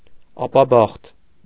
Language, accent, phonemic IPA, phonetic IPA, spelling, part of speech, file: Armenian, Eastern Armenian, /ɑpɑˈbɑχt/, [ɑpɑbɑ́χt], ապաբախտ, adjective, Hy-ապաբախտ.ogg
- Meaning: hapless, unlucky